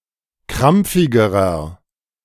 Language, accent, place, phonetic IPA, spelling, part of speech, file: German, Germany, Berlin, [ˈkʁamp͡fɪɡəʁɐ], krampfigerer, adjective, De-krampfigerer.ogg
- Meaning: inflection of krampfig: 1. strong/mixed nominative masculine singular comparative degree 2. strong genitive/dative feminine singular comparative degree 3. strong genitive plural comparative degree